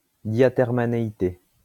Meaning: diathermancy
- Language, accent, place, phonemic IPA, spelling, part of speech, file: French, France, Lyon, /dja.tɛʁ.ma.ne.i.te/, diathermanéité, noun, LL-Q150 (fra)-diathermanéité.wav